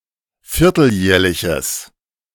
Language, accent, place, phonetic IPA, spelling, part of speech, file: German, Germany, Berlin, [ˈfɪʁtl̩ˌjɛːɐ̯lɪçəs], vierteljährliches, adjective, De-vierteljährliches.ogg
- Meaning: strong/mixed nominative/accusative neuter singular of vierteljährlich